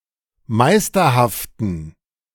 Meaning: inflection of meisterhaft: 1. strong genitive masculine/neuter singular 2. weak/mixed genitive/dative all-gender singular 3. strong/weak/mixed accusative masculine singular 4. strong dative plural
- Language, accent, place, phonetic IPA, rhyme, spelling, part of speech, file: German, Germany, Berlin, [ˈmaɪ̯stɐhaftn̩], -aɪ̯stɐhaftn̩, meisterhaften, adjective, De-meisterhaften.ogg